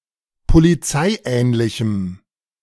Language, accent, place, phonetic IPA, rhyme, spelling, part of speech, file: German, Germany, Berlin, [poliˈt͡saɪ̯ˌʔɛːnlɪçm̩], -aɪ̯ʔɛːnlɪçm̩, polizeiähnlichem, adjective, De-polizeiähnlichem.ogg
- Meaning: strong dative masculine/neuter singular of polizeiähnlich